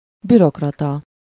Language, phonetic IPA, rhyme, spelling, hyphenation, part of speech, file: Hungarian, [ˈbyrokrɒtɒ], -tɒ, bürokrata, bü‧rok‧ra‧ta, noun, Hu-bürokrata.ogg
- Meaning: bureaucrat